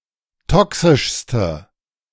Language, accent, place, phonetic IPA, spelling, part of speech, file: German, Germany, Berlin, [ˈtɔksɪʃstə], toxischste, adjective, De-toxischste.ogg
- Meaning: inflection of toxisch: 1. strong/mixed nominative/accusative feminine singular superlative degree 2. strong nominative/accusative plural superlative degree